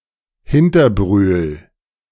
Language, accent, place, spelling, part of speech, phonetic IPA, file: German, Germany, Berlin, Hinterbrühl, proper noun, [ˈhintɐˌbʁyːl], De-Hinterbrühl.ogg
- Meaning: a municipality of Lower Austria, Austria